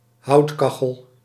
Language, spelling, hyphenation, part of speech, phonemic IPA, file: Dutch, houtkachel, hout‧ka‧chel, noun, /ˈhɑutkɑxəl/, Nl-houtkachel.ogg
- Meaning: wood-burning stove